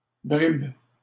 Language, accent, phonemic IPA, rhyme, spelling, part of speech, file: French, Canada, /bʁib/, -ib, bribe, noun, LL-Q150 (fra)-bribe.wav
- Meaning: 1. crumb (of bread) 2. scrap, bit